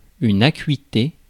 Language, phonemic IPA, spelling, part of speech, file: French, /a.kɥi.te/, acuité, noun, Fr-acuité.ogg
- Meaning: acuteness, acuity: 1. sharpness 2. acuity, sharpness, keenness 3. intensity 4. accuracy, precision 5. urgency, seriousness 6. sharpness, shrillness